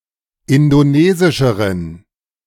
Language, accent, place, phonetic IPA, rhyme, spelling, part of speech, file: German, Germany, Berlin, [ˌɪndoˈneːzɪʃəʁən], -eːzɪʃəʁən, indonesischeren, adjective, De-indonesischeren.ogg
- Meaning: inflection of indonesisch: 1. strong genitive masculine/neuter singular comparative degree 2. weak/mixed genitive/dative all-gender singular comparative degree